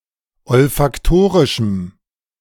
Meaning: strong dative masculine/neuter singular of olfaktorisch
- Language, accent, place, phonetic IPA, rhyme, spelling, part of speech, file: German, Germany, Berlin, [ɔlfakˈtoːʁɪʃm̩], -oːʁɪʃm̩, olfaktorischem, adjective, De-olfaktorischem.ogg